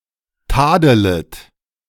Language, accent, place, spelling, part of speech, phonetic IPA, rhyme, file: German, Germany, Berlin, tadelet, verb, [ˈtaːdələt], -aːdələt, De-tadelet.ogg
- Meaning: second-person plural subjunctive I of tadeln